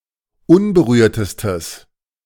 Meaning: strong/mixed nominative/accusative neuter singular superlative degree of unberührt
- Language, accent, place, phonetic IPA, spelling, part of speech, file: German, Germany, Berlin, [ˈʊnbəˌʁyːɐ̯təstəs], unberührtestes, adjective, De-unberührtestes.ogg